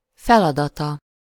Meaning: third-person singular single-possession possessive of feladat
- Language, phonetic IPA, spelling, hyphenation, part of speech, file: Hungarian, [ˈfɛlɒdɒtɒ], feladata, fel‧ada‧ta, noun, Hu-feladata.ogg